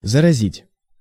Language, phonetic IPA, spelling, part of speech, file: Russian, [zərɐˈzʲitʲ], заразить, verb, Ru-заразить.ogg
- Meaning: 1. to infect 2. to contaminate